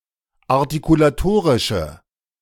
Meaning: inflection of artikulatorisch: 1. strong/mixed nominative/accusative feminine singular 2. strong nominative/accusative plural 3. weak nominative all-gender singular
- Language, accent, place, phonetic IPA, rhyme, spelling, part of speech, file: German, Germany, Berlin, [aʁtikulaˈtoːʁɪʃə], -oːʁɪʃə, artikulatorische, adjective, De-artikulatorische.ogg